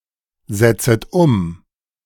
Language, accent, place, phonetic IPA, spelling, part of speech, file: German, Germany, Berlin, [ˌzɛt͡sət ˈʊm], setzet um, verb, De-setzet um.ogg
- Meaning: second-person plural subjunctive I of umsetzen